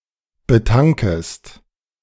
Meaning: second-person singular subjunctive I of betanken
- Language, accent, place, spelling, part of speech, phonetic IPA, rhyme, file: German, Germany, Berlin, betankest, verb, [bəˈtaŋkəst], -aŋkəst, De-betankest.ogg